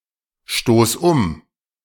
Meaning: singular imperative of umstoßen
- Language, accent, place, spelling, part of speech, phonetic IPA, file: German, Germany, Berlin, stoß um, verb, [ˌʃtoːs ˈʊm], De-stoß um.ogg